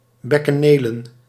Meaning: plural of bekkeneel
- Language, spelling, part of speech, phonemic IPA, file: Dutch, bekkenelen, noun, /ˌbɛkəˈnelə(n)/, Nl-bekkenelen.ogg